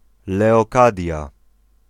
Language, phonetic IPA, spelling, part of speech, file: Polish, [ˌlɛɔˈkadʲja], Leokadia, proper noun, Pl-Leokadia.ogg